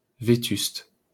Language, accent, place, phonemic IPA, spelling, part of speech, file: French, France, Paris, /ve.tyst/, vétuste, adjective, LL-Q150 (fra)-vétuste.wav
- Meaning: 1. run-down, dilapidated 2. outdated, antiquated